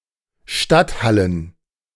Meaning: plural of Stadthalle
- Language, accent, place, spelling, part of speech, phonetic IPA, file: German, Germany, Berlin, Stadthallen, noun, [ˈʃtatˌhalən], De-Stadthallen.ogg